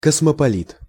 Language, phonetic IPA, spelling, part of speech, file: Russian, [kəsməpɐˈlʲit], космополит, noun, Ru-космополит.ogg
- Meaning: 1. cosmopolitan, cosmopolite 2. Jew